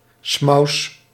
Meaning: 1. Jew 2. a small breed of terrier with a light to dark beige fur, native to the Netherlands
- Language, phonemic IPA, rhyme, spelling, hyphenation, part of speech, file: Dutch, /smɑu̯s/, -ɑu̯s, smous, smous, noun, Nl-smous.ogg